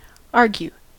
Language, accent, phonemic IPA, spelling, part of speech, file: English, General American, /ˈɑɹ.ɡju/, argue, verb, En-us-argue.ogg
- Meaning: 1. To show grounds for concluding (that); to indicate, imply 2. To debate, disagree, or discuss opposing or differing viewpoints; to controvert; to wrangle 3. To have an argument, a quarrel